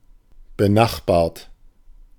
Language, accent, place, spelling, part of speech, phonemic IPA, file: German, Germany, Berlin, benachbart, adjective, /bəˈnaxbaːɐ̯t/, De-benachbart.ogg
- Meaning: neighboring, adjacent, adjoining